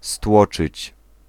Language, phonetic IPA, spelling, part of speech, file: Polish, [ˈstwɔt͡ʃɨt͡ɕ], stłoczyć, verb, Pl-stłoczyć.ogg